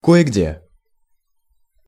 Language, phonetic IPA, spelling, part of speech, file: Russian, [ˌko(j)ɪ ˈɡdʲe], кое-где, adverb, Ru-кое-где.ogg
- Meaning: somewhere, here and there, in some places